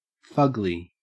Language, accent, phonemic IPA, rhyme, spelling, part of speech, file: English, Australia, /ˈfʌɡ.li/, -ʌɡli, fugly, adjective / noun, En-au-fugly.ogg
- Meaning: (adjective) Extremely ugly; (noun) An extremely ugly person